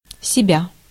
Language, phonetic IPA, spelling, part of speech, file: Russian, [sʲɪˈbʲa], себя, pronoun, Ru-себя.ogg
- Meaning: 1. myself, yourself, himself, herself, itself, ourselves, yourselves, themselves (no nominative case) 2. oneself